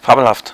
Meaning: fabulous
- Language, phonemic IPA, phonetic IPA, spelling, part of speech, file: German, /ˈfaːbəlˌhaft/, [ˈfaːbl̩ˌhaftʰ], fabelhaft, adjective, De-fabelhaft.ogg